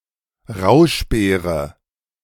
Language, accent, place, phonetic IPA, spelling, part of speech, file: German, Germany, Berlin, [ˈʁaʊ̯ʃˌbeːʁə], Rauschbeere, noun, De-Rauschbeere.ogg
- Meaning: northern bilberry, bog bilberry, Vaccinium uliginosum